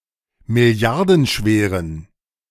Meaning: inflection of milliardenschwer: 1. strong genitive masculine/neuter singular 2. weak/mixed genitive/dative all-gender singular 3. strong/weak/mixed accusative masculine singular
- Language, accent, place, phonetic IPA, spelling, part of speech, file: German, Germany, Berlin, [mɪˈli̯aʁdn̩ˌʃveːʁən], milliardenschweren, adjective, De-milliardenschweren.ogg